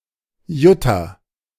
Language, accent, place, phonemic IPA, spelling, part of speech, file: German, Germany, Berlin, /ˈjʊta/, Jutta, proper noun, De-Jutta.ogg
- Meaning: a female given name